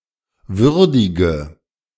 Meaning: inflection of würdigen: 1. first-person singular present 2. first/third-person singular subjunctive I 3. singular imperative
- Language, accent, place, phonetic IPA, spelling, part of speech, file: German, Germany, Berlin, [ˈvʏʁdɪɡə], würdige, adjective / verb, De-würdige.ogg